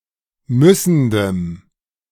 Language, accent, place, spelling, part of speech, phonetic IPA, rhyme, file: German, Germany, Berlin, müssendem, adjective, [ˈmʏsn̩dəm], -ʏsn̩dəm, De-müssendem.ogg
- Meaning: strong dative masculine/neuter singular of müssend